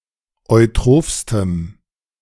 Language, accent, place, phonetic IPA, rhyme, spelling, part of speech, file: German, Germany, Berlin, [ɔɪ̯ˈtʁoːfstəm], -oːfstəm, eutrophstem, adjective, De-eutrophstem.ogg
- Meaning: strong dative masculine/neuter singular superlative degree of eutroph